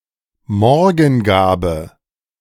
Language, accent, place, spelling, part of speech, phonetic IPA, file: German, Germany, Berlin, Morgengabe, noun, [ˈmɔʁɡn̩ˌɡaːbə], De-Morgengabe.ogg
- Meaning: morning gift (the gift given by the bridegroom to the bride on the morning after the wedding night)